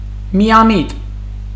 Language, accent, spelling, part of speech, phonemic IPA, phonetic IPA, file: Armenian, Eastern Armenian, միամիտ, adjective, /miɑˈmit/, [mi(j)ɑmít], Hy-միամիտ.ogg
- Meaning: naive